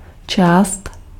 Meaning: part (of a whole)
- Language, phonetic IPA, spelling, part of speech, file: Czech, [ˈt͡ʃaːst], část, noun, Cs-část.ogg